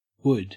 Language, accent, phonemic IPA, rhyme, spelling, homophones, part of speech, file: English, Australia, /wʊd/, -ʊd, wood, would, noun / verb, En-au-wood.ogg
- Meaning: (noun) The substance making up the central part of the trunk and branches of a tree. Used as a material for construction, to manufacture various items, etc. or as fuel